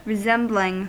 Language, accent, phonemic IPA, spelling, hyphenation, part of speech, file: English, US, /ɹɪˈzɛmblɪŋ/, resembling, re‧sem‧bling, verb / noun, En-us-resembling.ogg
- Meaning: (verb) present participle and gerund of resemble; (noun) The action of the verb to resemble